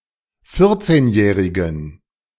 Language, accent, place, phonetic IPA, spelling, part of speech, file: German, Germany, Berlin, [ˈfɪʁt͡seːnˌjɛːʁɪɡn̩], vierzehnjährigen, adjective, De-vierzehnjährigen.ogg
- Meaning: inflection of vierzehnjährig: 1. strong genitive masculine/neuter singular 2. weak/mixed genitive/dative all-gender singular 3. strong/weak/mixed accusative masculine singular 4. strong dative plural